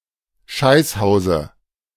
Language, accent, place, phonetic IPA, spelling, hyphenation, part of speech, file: German, Germany, Berlin, [ˈʃaɪ̯sˌhaʊ̯zə], Scheißhause, Scheiß‧hau‧se, noun, De-Scheißhause.ogg
- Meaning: dative singular of Scheißhaus